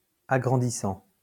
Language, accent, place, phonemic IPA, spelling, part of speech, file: French, France, Lyon, /a.ɡʁɑ̃.di.sɑ̃/, agrandissant, verb, LL-Q150 (fra)-agrandissant.wav
- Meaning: present participle of agrandir